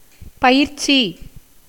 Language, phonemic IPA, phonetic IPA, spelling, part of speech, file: Tamil, /pɐjɪrtʃiː/, [pɐjɪrsiː], பயிற்சி, noun, Ta-பயிற்சி.ogg
- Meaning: 1. habit, practice 2. training, learning